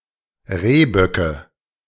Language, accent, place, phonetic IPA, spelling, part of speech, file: German, Germany, Berlin, [ˈʁeːˌbœkə], Rehböcke, noun, De-Rehböcke.ogg
- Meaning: nominative/accusative/genitive plural of Rehbock